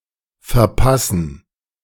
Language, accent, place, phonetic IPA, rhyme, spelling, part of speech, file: German, Germany, Berlin, [fɛɐ̯ˈpasn̩], -asn̩, verpassen, verb, De-verpassen.ogg
- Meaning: 1. to miss (be late for; be unable to use or attend) 2. to miss (fail to hit or reach) 3. to provide